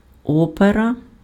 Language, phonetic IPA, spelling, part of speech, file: Ukrainian, [ˈɔperɐ], опера, noun, Uk-опера.ogg
- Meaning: 1. opera 2. genitive/accusative singular of о́пер (óper)